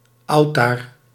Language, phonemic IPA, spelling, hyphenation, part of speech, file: Dutch, /ˈɑu̯.taːr/, autaar, au‧taar, noun, Nl-autaar.ogg
- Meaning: alternative form of altaar